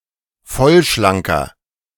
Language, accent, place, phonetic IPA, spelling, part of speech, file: German, Germany, Berlin, [ˈfɔlʃlaŋkɐ], vollschlanker, adjective, De-vollschlanker.ogg
- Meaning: inflection of vollschlank: 1. strong/mixed nominative masculine singular 2. strong genitive/dative feminine singular 3. strong genitive plural